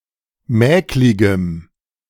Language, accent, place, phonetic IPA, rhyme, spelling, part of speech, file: German, Germany, Berlin, [ˈmɛːklɪɡəm], -ɛːklɪɡəm, mäkligem, adjective, De-mäkligem.ogg
- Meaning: strong dative masculine/neuter singular of mäklig